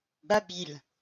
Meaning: 1. babble, baby talk 2. ease, facility to talk
- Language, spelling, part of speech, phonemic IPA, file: French, babil, noun, /ba.bil/, LL-Q150 (fra)-babil.wav